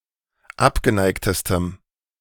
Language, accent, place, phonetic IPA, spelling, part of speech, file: German, Germany, Berlin, [ˈapɡəˌnaɪ̯ktəstəm], abgeneigtestem, adjective, De-abgeneigtestem.ogg
- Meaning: strong dative masculine/neuter singular superlative degree of abgeneigt